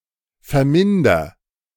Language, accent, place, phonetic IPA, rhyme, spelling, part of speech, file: German, Germany, Berlin, [fɛɐ̯ˈmɪndɐ], -ɪndɐ, verminder, verb, De-verminder.ogg
- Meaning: inflection of vermindern: 1. first-person singular present 2. singular imperative